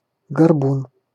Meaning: humpback (humpbacked person)
- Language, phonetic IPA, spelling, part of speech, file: Russian, [ɡɐrˈbun], горбун, noun, Ru-горбун.ogg